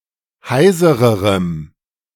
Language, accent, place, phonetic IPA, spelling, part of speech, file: German, Germany, Berlin, [ˈhaɪ̯zəʁəʁəm], heisererem, adjective, De-heisererem.ogg
- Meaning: strong dative masculine/neuter singular comparative degree of heiser